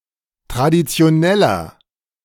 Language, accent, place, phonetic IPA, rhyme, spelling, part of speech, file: German, Germany, Berlin, [tʁadit͡si̯oˈnɛlɐ], -ɛlɐ, traditioneller, adjective, De-traditioneller.ogg
- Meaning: inflection of traditionell: 1. strong/mixed nominative masculine singular 2. strong genitive/dative feminine singular 3. strong genitive plural